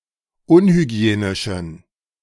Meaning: inflection of unhygienisch: 1. strong genitive masculine/neuter singular 2. weak/mixed genitive/dative all-gender singular 3. strong/weak/mixed accusative masculine singular 4. strong dative plural
- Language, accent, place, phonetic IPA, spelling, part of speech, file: German, Germany, Berlin, [ˈʊnhyˌɡi̯eːnɪʃn̩], unhygienischen, adjective, De-unhygienischen.ogg